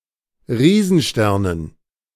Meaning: dative plural of Riesenstern
- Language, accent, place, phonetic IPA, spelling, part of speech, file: German, Germany, Berlin, [ˈʁiːzn̩ˌʃtɛʁnən], Riesensternen, noun, De-Riesensternen.ogg